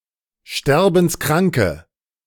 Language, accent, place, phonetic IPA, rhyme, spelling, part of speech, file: German, Germany, Berlin, [ˈʃtɛʁbn̩sˈkʁaŋkə], -aŋkə, sterbenskranke, adjective, De-sterbenskranke.ogg
- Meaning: inflection of sterbenskrank: 1. strong/mixed nominative/accusative feminine singular 2. strong nominative/accusative plural 3. weak nominative all-gender singular